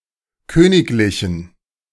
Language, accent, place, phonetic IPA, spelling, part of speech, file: German, Germany, Berlin, [ˈkøːnɪklɪçn̩], königlichen, adjective, De-königlichen.ogg
- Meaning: inflection of königlich: 1. strong genitive masculine/neuter singular 2. weak/mixed genitive/dative all-gender singular 3. strong/weak/mixed accusative masculine singular 4. strong dative plural